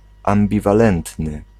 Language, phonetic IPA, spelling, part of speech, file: Polish, [ˌãmbʲivaˈlɛ̃ntnɨ], ambiwalentny, adjective, Pl-ambiwalentny.ogg